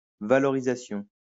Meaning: 1. promotion 2. gain in value, appreciation
- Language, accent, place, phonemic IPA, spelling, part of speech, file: French, France, Lyon, /va.lɔ.ʁi.za.sjɔ̃/, valorisation, noun, LL-Q150 (fra)-valorisation.wav